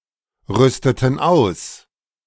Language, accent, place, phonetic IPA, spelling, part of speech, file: German, Germany, Berlin, [ˌʁʏstətn̩ ˈaʊ̯s], rüsteten aus, verb, De-rüsteten aus.ogg
- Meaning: inflection of ausrüsten: 1. first/third-person plural preterite 2. first/third-person plural subjunctive II